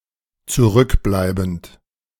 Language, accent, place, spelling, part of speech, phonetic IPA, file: German, Germany, Berlin, zurückbleibend, verb, [t͡suˈʁʏkˌblaɪ̯bn̩t], De-zurückbleibend.ogg
- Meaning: present participle of zurückbleiben